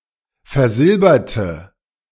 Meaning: inflection of versilbert: 1. strong/mixed nominative/accusative feminine singular 2. strong nominative/accusative plural 3. weak nominative all-gender singular
- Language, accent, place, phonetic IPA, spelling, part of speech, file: German, Germany, Berlin, [fɛɐ̯ˈzɪlbɐtə], versilberte, adjective / verb, De-versilberte.ogg